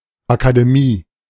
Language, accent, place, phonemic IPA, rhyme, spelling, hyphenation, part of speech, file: German, Germany, Berlin, /akadeˈmiː/, -iː, Akademie, Aka‧de‧mie, noun, De-Akademie.ogg
- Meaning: academy (learned society)